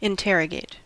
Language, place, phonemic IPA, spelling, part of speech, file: English, California, /ɪnˈtɛɹəɡeɪt/, interrogate, verb, En-us-interrogate.ogg
- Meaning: 1. To question or quiz, especially in a thorough or aggressive manner 2. To query (something); to request information from (something) 3. To examine (something) critically